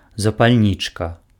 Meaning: lighter (fire making device)
- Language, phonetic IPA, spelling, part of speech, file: Belarusian, [zapalʲˈnʲit͡ʂka], запальнічка, noun, Be-запальнічка.ogg